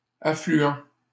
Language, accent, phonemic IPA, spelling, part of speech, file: French, Canada, /a.fly.ɑ̃/, affluant, verb, LL-Q150 (fra)-affluant.wav
- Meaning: present participle of affluer